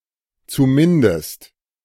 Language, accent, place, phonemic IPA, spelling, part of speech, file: German, Germany, Berlin, /t͡suˈmɪndəst/, zumindest, adverb, De-zumindest.ogg
- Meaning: at least